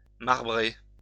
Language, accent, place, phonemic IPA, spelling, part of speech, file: French, France, Lyon, /maʁ.bʁe/, marbrer, verb, LL-Q150 (fra)-marbrer.wav
- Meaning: to marble (create a marbled effect)